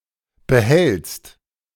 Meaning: second-person singular present of behalten
- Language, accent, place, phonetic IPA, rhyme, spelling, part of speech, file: German, Germany, Berlin, [bəˈhɛlt͡st], -ɛlt͡st, behältst, verb, De-behältst.ogg